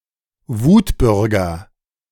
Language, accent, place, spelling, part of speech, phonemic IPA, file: German, Germany, Berlin, Wutbürger, noun, /ˈvuːtˌbʏʁɡɐ/, De-Wutbürger.ogg
- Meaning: An angry or enraged citizen, especially one who feels politically marginalized